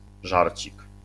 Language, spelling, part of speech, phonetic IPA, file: Polish, żarcik, noun, [ˈʒarʲt͡ɕik], LL-Q809 (pol)-żarcik.wav